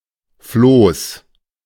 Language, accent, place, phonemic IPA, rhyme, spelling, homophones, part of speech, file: German, Germany, Berlin, /floːs/, -oːs, Floß, Flohs, noun, De-Floß.ogg
- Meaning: raft